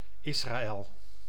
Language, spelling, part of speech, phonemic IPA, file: Dutch, Israël, proper noun, /ˈɪsraːˌɛl/, Nl-Israël.ogg
- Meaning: Israel (a country in Western Asia in the Middle East, at the eastern shore of the Mediterranean)